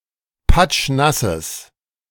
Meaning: strong/mixed nominative/accusative neuter singular of patschnass
- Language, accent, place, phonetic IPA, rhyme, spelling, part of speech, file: German, Germany, Berlin, [ˈpat͡ʃˈnasəs], -asəs, patschnasses, adjective, De-patschnasses.ogg